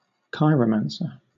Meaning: One who practices chiromancy; a palm reader
- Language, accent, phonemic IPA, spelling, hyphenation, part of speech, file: English, Southern England, /ˈkaɪɹə(ʊ)mænsə/, chiromancer, chi‧ro‧man‧cer, noun, LL-Q1860 (eng)-chiromancer.wav